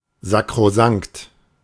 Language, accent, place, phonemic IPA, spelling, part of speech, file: German, Germany, Berlin, /zakʁoˈzaŋkt/, sakrosankt, adjective, De-sakrosankt.ogg
- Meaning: sacrosanct